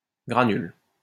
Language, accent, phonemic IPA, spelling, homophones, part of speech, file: French, France, /ɡʁa.nyl/, granule, granulent / granules, noun / verb, LL-Q150 (fra)-granule.wav
- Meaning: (noun) granule; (verb) inflection of granuler: 1. first/third-person singular present indicative/subjunctive 2. second-person singular imperative